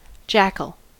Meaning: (noun) 1. Any of certain wild canids of the genera Lupulella and Canis, native to the tropical Old World and smaller than a wolf 2. A person who performs menial or routine tasks; a dogsbody
- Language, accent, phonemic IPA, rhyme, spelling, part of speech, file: English, US, /ˈd͡ʒækəl/, -ækəl, jackal, noun / verb, En-us-jackal.ogg